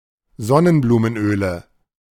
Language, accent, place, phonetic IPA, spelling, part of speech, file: German, Germany, Berlin, [ˈzɔnənbluːmənˌʔøːlə], Sonnenblumenöle, noun, De-Sonnenblumenöle.ogg
- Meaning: 1. nominative/accusative/genitive plural of Sonnenblumenöl 2. dative of Sonnenblumenöl